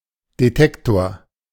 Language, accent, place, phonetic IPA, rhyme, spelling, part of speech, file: German, Germany, Berlin, [deˈtɛktoːɐ̯], -ɛktoːɐ̯, Detektor, noun, De-Detektor.ogg
- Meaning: detector